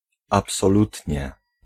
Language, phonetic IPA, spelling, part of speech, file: Polish, [ˌapsɔˈlutʲɲɛ], absolutnie, adverb, Pl-absolutnie.ogg